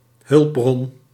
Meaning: resource
- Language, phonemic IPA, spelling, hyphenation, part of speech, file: Dutch, /ˈɦʏlp.brɔn/, hulpbron, hulp‧bron, noun, Nl-hulpbron.ogg